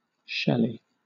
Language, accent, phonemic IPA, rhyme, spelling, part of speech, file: English, Southern England, /ˈʃɛli/, -ɛli, Shelley, proper noun, LL-Q1860 (eng)-Shelley.wav
- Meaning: 1. Percy Bysshe Shelley (1792-1822), a Romantic poet 2. A habitational surname from Old English 3. A male given name transferred from the surname, of mostly before 1930 usage